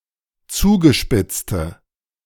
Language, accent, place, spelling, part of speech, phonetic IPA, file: German, Germany, Berlin, zugespitzte, adjective, [ˈt͡suːɡəˌʃpɪt͡stə], De-zugespitzte.ogg
- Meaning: inflection of zugespitzt: 1. strong/mixed nominative/accusative feminine singular 2. strong nominative/accusative plural 3. weak nominative all-gender singular